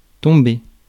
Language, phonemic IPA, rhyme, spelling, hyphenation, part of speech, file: French, /tɔ̃.be/, -e, tomber, tom‧ber, verb, Fr-tomber.ogg
- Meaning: 1. to fall 2. to come down 3. to bump into, to come across; to be received by (when making a telephone call) 4. to become, to get